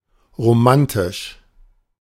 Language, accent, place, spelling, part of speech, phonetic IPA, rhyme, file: German, Germany, Berlin, romantisch, adjective, [ʁoˈmantɪʃ], -antɪʃ, De-romantisch.ogg
- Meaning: romantic